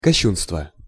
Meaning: blasphemy, sacrilege (desecration, profanation, misuse or violation of something sacred)
- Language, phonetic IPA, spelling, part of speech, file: Russian, [kɐˈɕːunstvə], кощунство, noun, Ru-кощунство.ogg